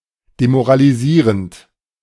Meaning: present participle of demoralisieren
- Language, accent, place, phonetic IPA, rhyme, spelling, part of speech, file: German, Germany, Berlin, [demoʁaliˈziːʁənt], -iːʁənt, demoralisierend, verb, De-demoralisierend.ogg